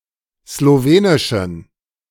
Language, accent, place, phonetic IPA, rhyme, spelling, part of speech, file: German, Germany, Berlin, [sloˈveːnɪʃn̩], -eːnɪʃn̩, slowenischen, adjective, De-slowenischen.ogg
- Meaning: inflection of slowenisch: 1. strong genitive masculine/neuter singular 2. weak/mixed genitive/dative all-gender singular 3. strong/weak/mixed accusative masculine singular 4. strong dative plural